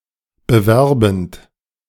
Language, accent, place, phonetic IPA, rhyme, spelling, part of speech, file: German, Germany, Berlin, [bəˈvɛʁbn̩t], -ɛʁbn̩t, bewerbend, verb, De-bewerbend.ogg
- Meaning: present participle of bewerben